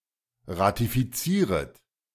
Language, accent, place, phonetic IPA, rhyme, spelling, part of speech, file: German, Germany, Berlin, [ʁatifiˈt͡siːʁət], -iːʁət, ratifizieret, verb, De-ratifizieret.ogg
- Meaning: second-person plural subjunctive I of ratifizieren